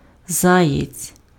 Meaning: 1. hare 2. fare dodger, fare evader
- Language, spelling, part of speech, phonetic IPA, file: Ukrainian, заєць, noun, [ˈzajet͡sʲ], Uk-заєць.ogg